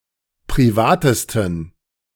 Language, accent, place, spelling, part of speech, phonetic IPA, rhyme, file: German, Germany, Berlin, privatesten, adjective, [pʁiˈvaːtəstn̩], -aːtəstn̩, De-privatesten.ogg
- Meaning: 1. superlative degree of privat 2. inflection of privat: strong genitive masculine/neuter singular superlative degree